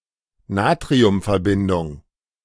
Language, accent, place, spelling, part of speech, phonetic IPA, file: German, Germany, Berlin, Natriumverbindung, noun, [ˈnaːtʁiʊmfɛɐ̯ˌbɪndʊŋ], De-Natriumverbindung.ogg
- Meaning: sodium compounds